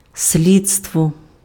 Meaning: 1. investigators (of a crime) 2. inquest, investigation (of a crime)
- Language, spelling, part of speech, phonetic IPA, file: Ukrainian, слідство, noun, [ˈsʲlʲid͡zstwɔ], Uk-слідство.ogg